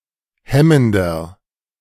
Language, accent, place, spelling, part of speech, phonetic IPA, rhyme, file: German, Germany, Berlin, hemmender, adjective, [ˈhɛməndɐ], -ɛməndɐ, De-hemmender.ogg
- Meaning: inflection of hemmend: 1. strong/mixed nominative masculine singular 2. strong genitive/dative feminine singular 3. strong genitive plural